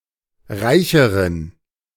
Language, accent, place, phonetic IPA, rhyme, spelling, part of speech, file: German, Germany, Berlin, [ˈʁaɪ̯çəʁən], -aɪ̯çəʁən, reicheren, adjective, De-reicheren.ogg
- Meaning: inflection of reich: 1. strong genitive masculine/neuter singular comparative degree 2. weak/mixed genitive/dative all-gender singular comparative degree